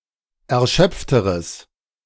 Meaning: strong/mixed nominative/accusative neuter singular comparative degree of erschöpft
- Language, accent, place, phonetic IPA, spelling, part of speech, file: German, Germany, Berlin, [ɛɐ̯ˈʃœp͡ftəʁəs], erschöpfteres, adjective, De-erschöpfteres.ogg